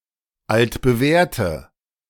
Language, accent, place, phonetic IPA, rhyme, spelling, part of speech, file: German, Germany, Berlin, [ˌaltbəˈvɛːɐ̯tə], -ɛːɐ̯tə, altbewährte, adjective, De-altbewährte.ogg
- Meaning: inflection of altbewährt: 1. strong/mixed nominative/accusative feminine singular 2. strong nominative/accusative plural 3. weak nominative all-gender singular